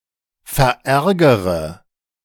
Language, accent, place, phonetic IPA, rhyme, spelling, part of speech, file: German, Germany, Berlin, [fɛɐ̯ˈʔɛʁɡəʁə], -ɛʁɡəʁə, verärgere, verb, De-verärgere.ogg
- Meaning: inflection of verärgern: 1. first-person singular present 2. first-person plural subjunctive I 3. third-person singular subjunctive I 4. singular imperative